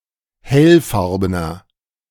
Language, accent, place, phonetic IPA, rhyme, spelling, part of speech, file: German, Germany, Berlin, [ˈhɛlˌfaʁbənɐ], -ɛlfaʁbənɐ, hellfarbener, adjective, De-hellfarbener.ogg
- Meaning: inflection of hellfarben: 1. strong/mixed nominative masculine singular 2. strong genitive/dative feminine singular 3. strong genitive plural